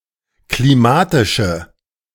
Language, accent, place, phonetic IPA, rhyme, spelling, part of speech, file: German, Germany, Berlin, [kliˈmaːtɪʃə], -aːtɪʃə, klimatische, adjective, De-klimatische.ogg
- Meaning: inflection of klimatisch: 1. strong/mixed nominative/accusative feminine singular 2. strong nominative/accusative plural 3. weak nominative all-gender singular